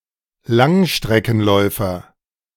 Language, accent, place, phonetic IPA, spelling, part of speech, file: German, Germany, Berlin, [ˈlaŋʃtʁɛkn̩ˌlɔɪ̯fɐ], Langstreckenläufer, noun, De-Langstreckenläufer.ogg
- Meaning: long-distance runner